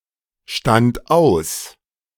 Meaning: first/third-person singular preterite of ausstehen
- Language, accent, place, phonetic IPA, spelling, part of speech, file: German, Germany, Berlin, [ˌʃtant ˈaʊ̯s], stand aus, verb, De-stand aus.ogg